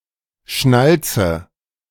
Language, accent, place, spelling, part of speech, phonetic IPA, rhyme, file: German, Germany, Berlin, schnalze, verb, [ˈʃnalt͡sə], -alt͡sə, De-schnalze.ogg
- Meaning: inflection of schnalzen: 1. first-person singular present 2. first/third-person singular subjunctive I 3. singular imperative